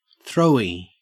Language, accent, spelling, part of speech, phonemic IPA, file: English, Australia, throwie, noun, /θɹoʊ.i/, En-au-throwie.ogg
- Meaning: A type of graffiti produced relatively quickly, generally with a single-colour outline and one layer of fill colour